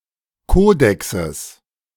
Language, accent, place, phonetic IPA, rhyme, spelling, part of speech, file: German, Germany, Berlin, [ˈkoːdɛksəs], -oːdɛksəs, Kodexes, noun, De-Kodexes.ogg
- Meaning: genitive singular of Kodex